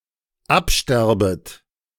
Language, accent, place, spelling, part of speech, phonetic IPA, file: German, Germany, Berlin, absterbet, verb, [ˈapˌʃtɛʁbət], De-absterbet.ogg
- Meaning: second-person plural dependent subjunctive I of absterben